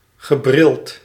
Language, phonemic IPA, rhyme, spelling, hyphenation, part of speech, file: Dutch, /ɣəˈbrɪlt/, -ɪlt, gebrild, ge‧brild, adjective, Nl-gebrild.ogg
- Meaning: spectacled, bespectacled